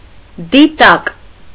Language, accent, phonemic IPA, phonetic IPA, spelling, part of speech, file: Armenian, Eastern Armenian, /diˈtɑk/, [ditɑ́k], դիտակ, noun, Hy-դիտակ.ogg
- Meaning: the generic name of various optical instruments used for viewing distant objects: 1. spyglass 2. telescope 3. binoculars 4. opera glasses, theater binoculars